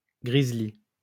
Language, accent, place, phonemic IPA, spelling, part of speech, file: French, France, Lyon, /ɡʁiz.li/, grizzli, noun, LL-Q150 (fra)-grizzli.wav
- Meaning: grizzly bear